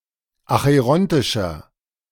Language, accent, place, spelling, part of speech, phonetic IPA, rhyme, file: German, Germany, Berlin, acherontischer, adjective, [axəˈʁɔntɪʃɐ], -ɔntɪʃɐ, De-acherontischer.ogg
- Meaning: inflection of acherontisch: 1. strong/mixed nominative masculine singular 2. strong genitive/dative feminine singular 3. strong genitive plural